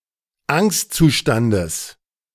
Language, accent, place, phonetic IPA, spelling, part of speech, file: German, Germany, Berlin, [ˈaŋstt͡suˌʃtandəs], Angstzustandes, noun, De-Angstzustandes.ogg
- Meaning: genitive of Angstzustand